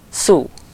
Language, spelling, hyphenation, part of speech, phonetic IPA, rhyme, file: Hungarian, szú, szú, noun, [ˈsuː], -suː, Hu-szú.ogg
- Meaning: 1. woodborer, woodworm 2. deathwatch beetle, furniture beetle, or another woodboring beetle 3. caries, decay